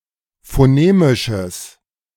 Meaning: strong/mixed nominative/accusative neuter singular of phonemisch
- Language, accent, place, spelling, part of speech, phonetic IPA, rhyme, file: German, Germany, Berlin, phonemisches, adjective, [foˈneːmɪʃəs], -eːmɪʃəs, De-phonemisches.ogg